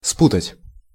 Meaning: 1. to mix up 2. to confuse 3. to tangle 4. to consider mistakenly, to take for someone else
- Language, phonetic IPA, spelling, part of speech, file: Russian, [ˈsputətʲ], спутать, verb, Ru-спутать.ogg